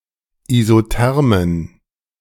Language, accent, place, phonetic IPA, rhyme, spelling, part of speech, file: German, Germany, Berlin, [izoˈtɛʁmən], -ɛʁmən, isothermen, adjective, De-isothermen.ogg
- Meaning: inflection of isotherm: 1. strong genitive masculine/neuter singular 2. weak/mixed genitive/dative all-gender singular 3. strong/weak/mixed accusative masculine singular 4. strong dative plural